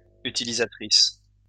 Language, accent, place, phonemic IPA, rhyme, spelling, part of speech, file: French, France, Lyon, /y.ti.li.za.tʁis/, -is, utilisatrice, noun, LL-Q150 (fra)-utilisatrice.wav
- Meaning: female equivalent of utilisateur